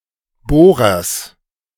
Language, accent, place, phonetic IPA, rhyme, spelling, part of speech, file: German, Germany, Berlin, [ˈboːʁɐs], -oːʁɐs, Bohrers, noun, De-Bohrers.ogg
- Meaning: genitive singular of Bohrer